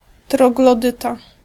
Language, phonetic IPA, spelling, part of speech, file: Polish, [ˌtrɔɡlɔˈdɨta], troglodyta, noun, Pl-troglodyta.ogg